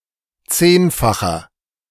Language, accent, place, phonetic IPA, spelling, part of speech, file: German, Germany, Berlin, [ˈt͡seːnfaxɐ], zehnfacher, adjective, De-zehnfacher.ogg
- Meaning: inflection of zehnfach: 1. strong/mixed nominative masculine singular 2. strong genitive/dative feminine singular 3. strong genitive plural